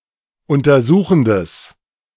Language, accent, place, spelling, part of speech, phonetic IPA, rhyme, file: German, Germany, Berlin, untersuchendes, adjective, [ˌʊntɐˈzuːxn̩dəs], -uːxn̩dəs, De-untersuchendes.ogg
- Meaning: strong/mixed nominative/accusative neuter singular of untersuchend